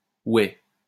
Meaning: 1. synonym of oui; yeah, yep, yup, yes, affirmative expression 2. synonym of oui (used to express consent) 3. wow 4. whoo (expresses joy)
- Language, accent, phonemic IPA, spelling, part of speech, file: French, France, /wɛ/, ouais, interjection, LL-Q150 (fra)-ouais.wav